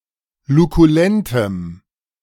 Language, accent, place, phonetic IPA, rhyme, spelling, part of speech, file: German, Germany, Berlin, [lukuˈlɛntəm], -ɛntəm, lukulentem, adjective, De-lukulentem.ogg
- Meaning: strong dative masculine/neuter singular of lukulent